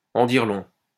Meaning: to speak volumes, to say it all, to be very telling
- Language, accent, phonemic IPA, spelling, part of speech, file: French, France, /ɑ̃ diʁ lɔ̃/, en dire long, verb, LL-Q150 (fra)-en dire long.wav